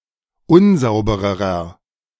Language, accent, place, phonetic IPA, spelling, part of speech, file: German, Germany, Berlin, [ˈʊnˌzaʊ̯bəʁəʁɐ], unsaubererer, adjective, De-unsaubererer.ogg
- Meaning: inflection of unsauber: 1. strong/mixed nominative masculine singular comparative degree 2. strong genitive/dative feminine singular comparative degree 3. strong genitive plural comparative degree